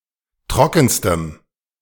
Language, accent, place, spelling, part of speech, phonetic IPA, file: German, Germany, Berlin, trockenstem, adjective, [ˈtʁɔkn̩stəm], De-trockenstem.ogg
- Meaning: strong dative masculine/neuter singular superlative degree of trocken